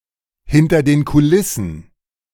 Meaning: behind the scenes
- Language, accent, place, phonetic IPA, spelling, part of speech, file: German, Germany, Berlin, [ˌhɪntɐ deːn kuˈlɪsn̩], hinter den Kulissen, prepositional phrase, De-hinter den Kulissen.ogg